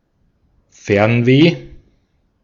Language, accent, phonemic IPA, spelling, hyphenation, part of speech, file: German, Austria, /ˈfɛʁnveː/, Fernweh, Fern‧weh, noun, De-at-Fernweh.ogg
- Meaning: wanderlust (desire to travel, a longing for far-off places)